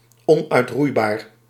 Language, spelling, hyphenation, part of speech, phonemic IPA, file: Dutch, onuitroeibaar, on‧uit‧roei‧baar, adjective, /ˌɔn.œy̯tˈrui̯.baːr/, Nl-onuitroeibaar.ogg
- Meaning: ineradicable